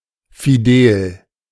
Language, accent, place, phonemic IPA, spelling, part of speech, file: German, Germany, Berlin, /fiˈdeːl/, fidel, adjective, De-fidel.ogg
- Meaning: cheerful